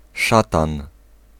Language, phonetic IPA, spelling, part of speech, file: Polish, [ˈʃatãn], szatan, noun, Pl-szatan.ogg